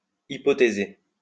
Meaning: to hypothesize
- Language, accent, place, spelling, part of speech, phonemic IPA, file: French, France, Lyon, hypothéser, verb, /i.pɔ.te.ze/, LL-Q150 (fra)-hypothéser.wav